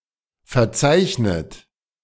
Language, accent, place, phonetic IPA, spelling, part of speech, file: German, Germany, Berlin, [fɛɐ̯ˈt͡saɪ̯çnət], verzeichnet, verb, De-verzeichnet.ogg
- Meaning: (verb) past participle of verzeichnen; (adjective) 1. recorded 2. scheduled, listed